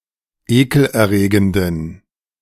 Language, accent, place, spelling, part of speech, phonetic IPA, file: German, Germany, Berlin, ekelerregenden, adjective, [ˈeːkl̩ʔɛɐ̯ˌʁeːɡəndn̩], De-ekelerregenden.ogg
- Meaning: inflection of ekelerregend: 1. strong genitive masculine/neuter singular 2. weak/mixed genitive/dative all-gender singular 3. strong/weak/mixed accusative masculine singular 4. strong dative plural